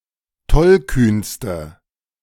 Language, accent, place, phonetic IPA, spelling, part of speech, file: German, Germany, Berlin, [ˈtɔlˌkyːnstə], tollkühnste, adjective, De-tollkühnste.ogg
- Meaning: inflection of tollkühn: 1. strong/mixed nominative/accusative feminine singular superlative degree 2. strong nominative/accusative plural superlative degree